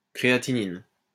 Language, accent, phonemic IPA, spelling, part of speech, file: French, France, /kʁe.a.ti.nin/, créatinine, noun, LL-Q150 (fra)-créatinine.wav
- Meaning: creatinine